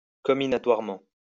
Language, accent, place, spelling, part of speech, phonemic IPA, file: French, France, Lyon, comminatoirement, adverb, /kɔ.mi.na.twaʁ.mɑ̃/, LL-Q150 (fra)-comminatoirement.wav
- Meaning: minatorily